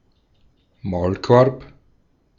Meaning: 1. muzzle (device to keep a dog from biting) 2. an order, rule or law that intends to prevent someone from speaking, writing, publishing etc
- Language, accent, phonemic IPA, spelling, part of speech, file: German, Austria, /ˈmaʊ̯lˌkɔʁp/, Maulkorb, noun, De-at-Maulkorb.ogg